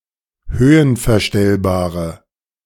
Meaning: inflection of höhenverstellbar: 1. strong/mixed nominative/accusative feminine singular 2. strong nominative/accusative plural 3. weak nominative all-gender singular
- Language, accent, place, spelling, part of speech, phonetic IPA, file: German, Germany, Berlin, höhenverstellbare, adjective, [ˈhøːənfɛɐ̯ˌʃtɛlbaːʁə], De-höhenverstellbare.ogg